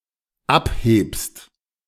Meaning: second-person singular dependent present of abheben
- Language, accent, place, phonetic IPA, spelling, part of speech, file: German, Germany, Berlin, [ˈapˌheːpst], abhebst, verb, De-abhebst.ogg